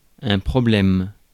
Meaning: 1. problem 2. trouble
- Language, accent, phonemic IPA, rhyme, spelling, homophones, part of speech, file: French, France, /pʁɔ.blɛm/, -ɛm, problème, problèmes, noun, Fr-problème.ogg